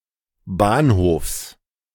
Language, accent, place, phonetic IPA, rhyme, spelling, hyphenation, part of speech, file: German, Germany, Berlin, [ˈbaːnˌhoːfs], -oːfs, Bahnhofs, Bahn‧hofs, noun, De-Bahnhofs.ogg
- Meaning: genitive singular of Bahnhof